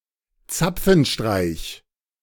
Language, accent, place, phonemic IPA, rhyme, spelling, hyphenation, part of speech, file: German, Germany, Berlin, /ˈtsapfənˌʃtʁaɪ̯ç/, -aɪ̯ç, Zapfenstreich, Zap‧fen‧streich, noun, De-Zapfenstreich.ogg
- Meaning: 1. curfew 2. military tattoo